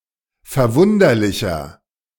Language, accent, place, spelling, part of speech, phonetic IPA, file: German, Germany, Berlin, verwunderlicher, adjective, [fɛɐ̯ˈvʊndɐlɪçɐ], De-verwunderlicher.ogg
- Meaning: 1. comparative degree of verwunderlich 2. inflection of verwunderlich: strong/mixed nominative masculine singular 3. inflection of verwunderlich: strong genitive/dative feminine singular